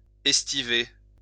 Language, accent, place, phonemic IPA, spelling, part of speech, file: French, France, Lyon, /ɛs.ti.ve/, estiver, verb, LL-Q150 (fra)-estiver.wav
- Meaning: to estivate